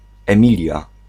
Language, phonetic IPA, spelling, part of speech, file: Polish, [ɛ̃ˈmʲilʲja], Emilia, proper noun, Pl-Emilia.ogg